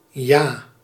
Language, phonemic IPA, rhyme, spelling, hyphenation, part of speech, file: Dutch, /jaː/, -aː, ja, ja, adverb / noun / interjection, Nl-ja.ogg
- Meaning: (adverb) yes; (interjection) 1. yes! 2. A casual greeting acknowledging the presence of a person; hey, hi, what's up